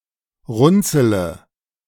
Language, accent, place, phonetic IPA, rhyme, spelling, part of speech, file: German, Germany, Berlin, [ˈʁʊnt͡sələ], -ʊnt͡sələ, runzele, verb, De-runzele.ogg
- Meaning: inflection of runzeln: 1. first-person singular present 2. first-person plural subjunctive I 3. third-person singular subjunctive I 4. singular imperative